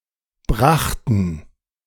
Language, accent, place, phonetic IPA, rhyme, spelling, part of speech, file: German, Germany, Berlin, [ˈbʁaxtn̩], -axtn̩, brachten, verb, De-brachten.ogg
- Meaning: first/third-person plural preterite of bringen